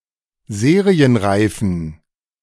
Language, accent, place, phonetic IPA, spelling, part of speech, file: German, Germany, Berlin, [ˈzeːʁiənˌʁaɪ̯fn̩], serienreifen, adjective, De-serienreifen.ogg
- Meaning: inflection of serienreif: 1. strong genitive masculine/neuter singular 2. weak/mixed genitive/dative all-gender singular 3. strong/weak/mixed accusative masculine singular 4. strong dative plural